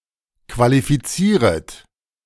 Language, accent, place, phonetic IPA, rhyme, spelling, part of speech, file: German, Germany, Berlin, [kvalifiˈt͡siːʁət], -iːʁət, qualifizieret, verb, De-qualifizieret.ogg
- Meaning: second-person plural subjunctive I of qualifizieren